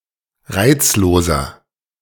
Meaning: 1. comparative degree of reizlos 2. inflection of reizlos: strong/mixed nominative masculine singular 3. inflection of reizlos: strong genitive/dative feminine singular
- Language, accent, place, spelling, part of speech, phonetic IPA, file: German, Germany, Berlin, reizloser, adjective, [ˈʁaɪ̯t͡sloːzɐ], De-reizloser.ogg